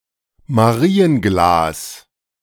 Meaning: selenite
- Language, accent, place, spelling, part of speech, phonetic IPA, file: German, Germany, Berlin, Marienglas, noun, [maˈʁiːənˌɡlaːs], De-Marienglas.ogg